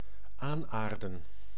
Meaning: to cover the roots or tubers of plants with soil, as to protect from light or cold; to earth up
- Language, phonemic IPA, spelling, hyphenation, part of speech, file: Dutch, /ˈaːnˌaːr.də(n)/, aanaarden, aan‧aar‧den, verb, Nl-aanaarden.ogg